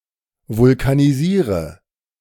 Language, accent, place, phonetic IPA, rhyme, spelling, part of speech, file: German, Germany, Berlin, [vʊlkaniˈziːʁə], -iːʁə, vulkanisiere, verb, De-vulkanisiere.ogg
- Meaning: inflection of vulkanisieren: 1. first-person singular present 2. first/third-person singular subjunctive I 3. singular imperative